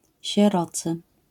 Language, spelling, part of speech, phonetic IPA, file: Polish, sierocy, adjective, [ɕɛˈrɔt͡sɨ], LL-Q809 (pol)-sierocy.wav